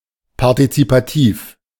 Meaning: participatory
- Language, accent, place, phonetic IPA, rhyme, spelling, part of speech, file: German, Germany, Berlin, [paʁtit͡sipaˈtiːf], -iːf, partizipativ, adjective, De-partizipativ.ogg